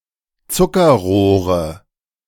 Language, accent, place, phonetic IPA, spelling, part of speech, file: German, Germany, Berlin, [ˈt͡sʊkɐˌʁoːʁə], Zuckerrohre, noun, De-Zuckerrohre.ogg
- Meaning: 1. nominative/accusative/genitive plural of Zuckerrohr 2. dative of Zuckerrohr